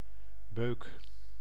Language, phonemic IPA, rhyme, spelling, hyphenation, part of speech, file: Dutch, /bøːk/, -øːk, beuk, beuk, noun, Nl-beuk.ogg
- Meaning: 1. a beech, tree of the genus Fagus 2. common beech (Fagus sylvatica) 3. a ram or heavy knock 4. part of a church building